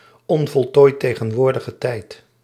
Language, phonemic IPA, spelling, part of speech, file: Dutch, /ˈɔɱvɔltojˌtɛɣə(n)ˌwordəɣəˌtɛit/, onvoltooid tegenwoordige tijd, noun, Nl-onvoltooid tegenwoordige tijd.ogg
- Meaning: present imperfect tense